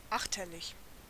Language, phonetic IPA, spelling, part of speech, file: German, [ˈaxtɐlɪç], achterlich, adjective, De-achterlich.ogg
- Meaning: astern